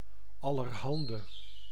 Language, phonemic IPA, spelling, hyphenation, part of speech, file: Dutch, /ˌɑ.lərˈɦɑn.də/, allerhande, al‧ler‧han‧de, determiner, Nl-allerhande.ogg
- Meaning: all kinds of